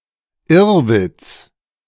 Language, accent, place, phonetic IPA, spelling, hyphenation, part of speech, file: German, Germany, Berlin, [ˈɪʁvɪt͡s], Irrwitz, Irr‧witz, noun, De-Irrwitz.ogg
- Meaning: absurdity